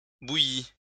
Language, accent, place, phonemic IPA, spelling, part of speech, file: French, France, Lyon, /bu.ji/, bouillit, verb, LL-Q150 (fra)-bouillit.wav
- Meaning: third-person singular past historic of bouillir